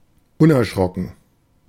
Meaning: fearless, dauntless
- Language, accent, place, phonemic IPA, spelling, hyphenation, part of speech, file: German, Germany, Berlin, /ˈʊnʔɛɐ̯ˌʃʁɔkn̩/, unerschrocken, un‧er‧schro‧cken, adjective, De-unerschrocken.ogg